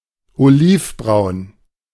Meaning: olive-brown
- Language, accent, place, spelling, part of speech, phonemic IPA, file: German, Germany, Berlin, olivbraun, adjective, /oˈliːfˌbʁaʊ̯n/, De-olivbraun.ogg